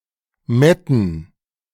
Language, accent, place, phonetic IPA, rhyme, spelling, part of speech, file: German, Germany, Berlin, [ˈmɛtn̩], -ɛtn̩, Metten, noun, De-Metten.ogg
- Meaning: plural of Mette